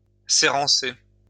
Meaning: to hackle (card hemp)
- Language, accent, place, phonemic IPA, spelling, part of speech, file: French, France, Lyon, /se.ʁɑ̃.se/, sérancer, verb, LL-Q150 (fra)-sérancer.wav